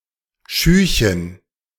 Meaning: diminutive of Schuh
- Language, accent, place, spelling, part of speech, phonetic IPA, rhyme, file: German, Germany, Berlin, Schühchen, noun, [ˈʃyːçən], -yːçən, De-Schühchen.ogg